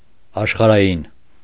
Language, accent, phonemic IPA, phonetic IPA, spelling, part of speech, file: Armenian, Eastern Armenian, /ɑʃχɑɾɑˈjin/, [ɑʃχɑɾɑjín], աշխարհային, adjective, Hy-աշխարհային.ogg
- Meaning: 1. earthly 2. material 3. worldly, profane; secular, lay, temporal